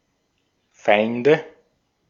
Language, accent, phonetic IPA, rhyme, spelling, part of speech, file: German, Austria, [ˈfaɪ̯ndə], -aɪ̯ndə, Feinde, noun, De-at-Feinde.ogg
- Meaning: nominative/accusative/genitive plural of Feind